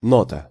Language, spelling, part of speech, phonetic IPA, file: Russian, нота, noun, [ˈnotə], Ru-нота.ogg
- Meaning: 1. note 2. note, memorandum